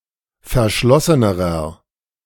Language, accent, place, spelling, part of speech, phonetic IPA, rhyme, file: German, Germany, Berlin, verschlossenerer, adjective, [fɛɐ̯ˈʃlɔsənəʁɐ], -ɔsənəʁɐ, De-verschlossenerer.ogg
- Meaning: inflection of verschlossen: 1. strong/mixed nominative masculine singular comparative degree 2. strong genitive/dative feminine singular comparative degree 3. strong genitive plural comparative degree